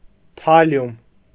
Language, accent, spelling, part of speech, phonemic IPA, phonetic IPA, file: Armenian, Eastern Armenian, թալիում, noun, /tʰɑˈljum/, [tʰɑljúm], Hy-թալիում.ogg
- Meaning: thallium